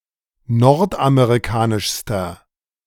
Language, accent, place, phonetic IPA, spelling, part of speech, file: German, Germany, Berlin, [ˈnɔʁtʔameʁiˌkaːnɪʃstɐ], nordamerikanischster, adjective, De-nordamerikanischster.ogg
- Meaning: inflection of nordamerikanisch: 1. strong/mixed nominative masculine singular superlative degree 2. strong genitive/dative feminine singular superlative degree